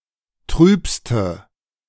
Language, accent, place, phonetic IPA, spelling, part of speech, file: German, Germany, Berlin, [ˈtʁyːpstə], trübste, adjective, De-trübste.ogg
- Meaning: inflection of trüb: 1. strong/mixed nominative/accusative feminine singular superlative degree 2. strong nominative/accusative plural superlative degree